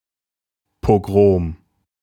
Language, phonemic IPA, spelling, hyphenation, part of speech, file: German, /poˈɡʁoːm/, Pogrom, Po‧grom, noun, De-Pogrom.ogg
- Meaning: pogrom (organized riot against an ethnic or religious minority, especially Jews)